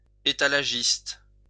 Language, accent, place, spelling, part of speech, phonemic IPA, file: French, France, Lyon, étalagiste, noun, /e.ta.la.ʒist/, LL-Q150 (fra)-étalagiste.wav
- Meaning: window dresser